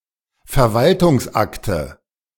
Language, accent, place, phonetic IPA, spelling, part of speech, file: German, Germany, Berlin, [fɛɐ̯ˈvaltʊŋsˌʔaktə], Verwaltungsakte, noun, De-Verwaltungsakte.ogg
- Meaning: nominative/accusative/genitive plural of Verwaltungsakt